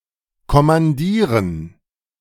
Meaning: 1. to command; to be in command, in charge 2. to command (a unit); to be the commanding officer of 3. to command (a soldier) to go to some place or assume some position
- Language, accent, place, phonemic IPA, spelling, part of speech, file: German, Germany, Berlin, /kɔmanˈdiːrən/, kommandieren, verb, De-kommandieren.ogg